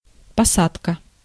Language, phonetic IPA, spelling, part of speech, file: Russian, [pɐˈsatkə], посадка, noun, Ru-посадка.ogg
- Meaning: 1. planting 2. embarkation 3. boarding 4. landing